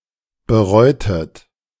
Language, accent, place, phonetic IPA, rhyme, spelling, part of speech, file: German, Germany, Berlin, [bəˈʁɔɪ̯tət], -ɔɪ̯tət, bereutet, verb, De-bereutet.ogg
- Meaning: inflection of bereuen: 1. second-person plural preterite 2. second-person plural subjunctive II